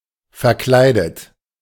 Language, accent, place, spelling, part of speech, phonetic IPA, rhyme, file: German, Germany, Berlin, verkleidet, adjective / verb, [fɛɐ̯ˈklaɪ̯dət], -aɪ̯dət, De-verkleidet.ogg
- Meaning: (verb) 1. past participle of verkleiden 2. inflection of verkleiden: third-person singular present 3. inflection of verkleiden: second-person plural present